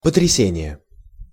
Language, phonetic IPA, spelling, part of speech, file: Russian, [pətrʲɪˈsʲenʲɪje], потрясение, noun, Ru-потрясение.ogg
- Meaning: shock